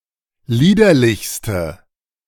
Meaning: inflection of liederlich: 1. strong/mixed nominative/accusative feminine singular superlative degree 2. strong nominative/accusative plural superlative degree
- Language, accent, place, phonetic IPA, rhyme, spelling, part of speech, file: German, Germany, Berlin, [ˈliːdɐlɪçstə], -iːdɐlɪçstə, liederlichste, adjective, De-liederlichste.ogg